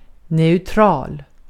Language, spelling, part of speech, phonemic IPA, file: Swedish, neutral, adjective, /neːɵˈtrɑːl/, Sv-neutral.ogg
- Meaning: 1. neutral 2. intransitive